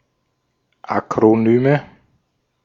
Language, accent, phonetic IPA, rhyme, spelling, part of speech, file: German, Austria, [akʁoˈnyːmə], -yːmə, Akronyme, noun, De-at-Akronyme.ogg
- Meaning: nominative/accusative/genitive plural of Akronym